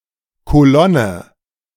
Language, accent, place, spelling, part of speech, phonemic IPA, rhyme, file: German, Germany, Berlin, Kolonne, noun, /koˈlɔnə/, -ɔnə, De-Kolonne.ogg
- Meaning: 1. column (group of military vehicles or troops, especially on a road) 2. any group of vehicles travelling together 3. group of workers 4. fractionating column